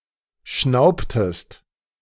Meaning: inflection of schnauben: 1. second-person singular preterite 2. second-person singular subjunctive II
- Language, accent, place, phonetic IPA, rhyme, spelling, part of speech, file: German, Germany, Berlin, [ˈʃnaʊ̯ptəst], -aʊ̯ptəst, schnaubtest, verb, De-schnaubtest.ogg